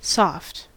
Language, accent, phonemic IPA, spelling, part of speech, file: English, General American, /sɔft/, soft, adjective / interjection / noun / adverb, En-us-soft.ogg
- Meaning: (adjective) 1. Easily giving way under pressure 2. Smooth and flexible; not rough, rugged, or harsh 3. Quiet 4. Gentle 5. Expressing gentleness or tenderness; mild; conciliatory; courteous; kind